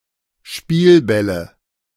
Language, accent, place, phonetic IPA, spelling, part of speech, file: German, Germany, Berlin, [ˈʃpiːlˌbɛlə], Spielbälle, noun, De-Spielbälle.ogg
- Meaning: nominative/accusative/genitive plural of Spielball